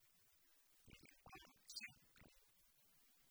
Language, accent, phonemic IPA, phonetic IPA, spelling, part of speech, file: Tamil, India, /ɛd̪ɪɾbɑːltʃeːɾkːɐɪ̯/, [e̞d̪ɪɾbäːlseːɾkːɐɪ̯], எதிர்பால்சேர்க்கை, noun, Ta-எதிர்பால்சேர்க்கை.ogg
- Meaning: heterosexuality